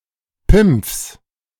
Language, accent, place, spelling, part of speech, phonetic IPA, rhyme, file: German, Germany, Berlin, Pimpfs, noun, [pɪmp͡fs], -ɪmp͡fs, De-Pimpfs.ogg
- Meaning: genitive of Pimpf